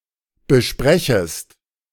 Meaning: second-person singular subjunctive I of besprechen
- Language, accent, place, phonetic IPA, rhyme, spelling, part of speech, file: German, Germany, Berlin, [bəˈʃpʁɛçəst], -ɛçəst, besprechest, verb, De-besprechest.ogg